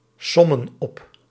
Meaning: inflection of opsommen: 1. plural present indicative 2. plural present subjunctive
- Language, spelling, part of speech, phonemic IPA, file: Dutch, sommen op, verb, /ˈsɔmə(n) ˈɔp/, Nl-sommen op.ogg